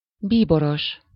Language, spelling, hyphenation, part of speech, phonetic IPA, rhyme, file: Hungarian, bíboros, bí‧bo‧ros, noun, [ˈbiːboroʃ], -oʃ, Hu-bíboros.ogg
- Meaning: cardinal (official in Catholic Church)